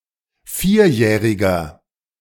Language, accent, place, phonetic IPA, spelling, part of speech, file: German, Germany, Berlin, [ˈfiːɐ̯ˌjɛːʁɪɡn̩], vierjährigen, adjective, De-vierjährigen.ogg
- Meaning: inflection of vierjährig: 1. strong genitive masculine/neuter singular 2. weak/mixed genitive/dative all-gender singular 3. strong/weak/mixed accusative masculine singular 4. strong dative plural